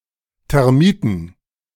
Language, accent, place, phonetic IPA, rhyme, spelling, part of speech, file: German, Germany, Berlin, [tɛʁˈmiːtn̩], -iːtn̩, Termiten, noun, De-Termiten.ogg
- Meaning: plural of Termite